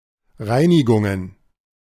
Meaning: plural of Reinigung
- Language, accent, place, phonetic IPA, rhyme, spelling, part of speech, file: German, Germany, Berlin, [ˈʁaɪ̯nɪɡʊŋən], -aɪ̯nɪɡʊŋən, Reinigungen, noun, De-Reinigungen.ogg